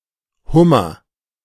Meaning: lobster
- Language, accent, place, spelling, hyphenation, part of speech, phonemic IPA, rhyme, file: German, Germany, Berlin, Hummer, Hum‧mer, noun, /ˈhʊmɐ/, -ʊmɐ, De-Hummer.ogg